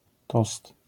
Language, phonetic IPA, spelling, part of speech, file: Polish, [tɔst], tost, noun, LL-Q809 (pol)-tost.wav